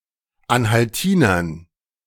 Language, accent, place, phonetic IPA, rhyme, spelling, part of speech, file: German, Germany, Berlin, [ˌanhalˈtiːnɐn], -iːnɐn, Anhaltinern, noun, De-Anhaltinern.ogg
- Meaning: dative plural of Anhaltiner